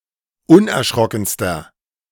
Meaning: inflection of unerschrocken: 1. strong/mixed nominative masculine singular superlative degree 2. strong genitive/dative feminine singular superlative degree
- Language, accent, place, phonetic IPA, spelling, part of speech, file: German, Germany, Berlin, [ˈʊnʔɛɐ̯ˌʃʁɔkn̩stɐ], unerschrockenster, adjective, De-unerschrockenster.ogg